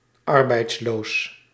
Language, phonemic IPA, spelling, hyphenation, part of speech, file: Dutch, /ˈɑr.bɛi̯tsˌloːs/, arbeidsloos, ar‧beids‧loos, adjective, Nl-arbeidsloos.ogg
- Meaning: unemployed